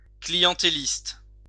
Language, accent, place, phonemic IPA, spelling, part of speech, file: French, France, Lyon, /kli.jɑ̃.te.list/, clientéliste, adjective, LL-Q150 (fra)-clientéliste.wav
- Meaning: clientelist